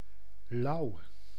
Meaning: 1. lukewarm (temperature) 2. cold, indifferent 3. nice, cool, chill
- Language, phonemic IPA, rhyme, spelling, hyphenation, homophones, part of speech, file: Dutch, /lɑu̯/, -ɑu̯, lauw, lauw, louw, adjective, Nl-lauw.ogg